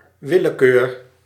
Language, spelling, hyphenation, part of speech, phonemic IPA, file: Dutch, willekeur, wil‧le‧keur, noun, /ˈʋɪ.ləˌkøːr/, Nl-willekeur.ogg
- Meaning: 1. caprice, capriciousness, arbitrariness 2. arbitrariness, arbitrary decision-making